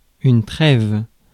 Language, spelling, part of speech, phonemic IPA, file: French, trêve, noun, /tʁɛv/, Fr-trêve.ogg
- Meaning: 1. truce 2. midwinter break 3. rest, respite